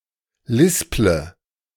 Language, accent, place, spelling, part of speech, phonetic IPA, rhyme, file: German, Germany, Berlin, lisple, verb, [ˈlɪsplə], -ɪsplə, De-lisple.ogg
- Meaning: inflection of lispeln: 1. first-person singular present 2. first/third-person singular subjunctive I 3. singular imperative